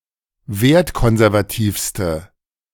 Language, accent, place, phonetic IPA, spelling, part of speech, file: German, Germany, Berlin, [ˈveːɐ̯tˌkɔnzɛʁvaˌtiːfstə], wertkonservativste, adjective, De-wertkonservativste.ogg
- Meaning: inflection of wertkonservativ: 1. strong/mixed nominative/accusative feminine singular superlative degree 2. strong nominative/accusative plural superlative degree